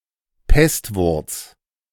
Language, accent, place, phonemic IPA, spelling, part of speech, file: German, Germany, Berlin, /ˈpɛstvʊʁt͡s/, Pestwurz, noun, De-Pestwurz.ogg
- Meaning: butterbur (plant)